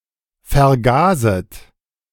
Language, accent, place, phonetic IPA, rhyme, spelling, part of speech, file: German, Germany, Berlin, [fɛɐ̯ˈɡaːzət], -aːzət, vergaset, verb, De-vergaset.ogg
- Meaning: second-person plural subjunctive I of vergasen